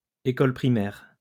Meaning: 1. primary school 2. primary education
- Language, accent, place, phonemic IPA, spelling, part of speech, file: French, France, Lyon, /e.kɔl pʁi.mɛʁ/, école primaire, noun, LL-Q150 (fra)-école primaire.wav